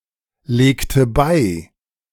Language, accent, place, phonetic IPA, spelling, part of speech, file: German, Germany, Berlin, [ˌleːktə ˈbaɪ̯], legte bei, verb, De-legte bei.ogg
- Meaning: inflection of beilegen: 1. first/third-person singular preterite 2. first/third-person singular subjunctive II